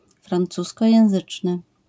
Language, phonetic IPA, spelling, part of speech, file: Polish, [frãnˈt͡suskɔjɛ̃w̃ˈzɨt͡ʃnɨ], francuskojęzyczny, adjective, LL-Q809 (pol)-francuskojęzyczny.wav